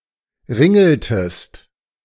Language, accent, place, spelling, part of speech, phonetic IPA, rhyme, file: German, Germany, Berlin, ringeltest, verb, [ˈʁɪŋl̩təst], -ɪŋl̩təst, De-ringeltest.ogg
- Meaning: inflection of ringeln: 1. second-person singular preterite 2. second-person singular subjunctive II